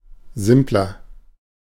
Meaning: 1. comparative degree of simpel 2. inflection of simpel: strong/mixed nominative masculine singular 3. inflection of simpel: strong genitive/dative feminine singular
- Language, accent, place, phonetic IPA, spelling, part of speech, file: German, Germany, Berlin, [ˈzɪmplɐ], simpler, adjective, De-simpler.ogg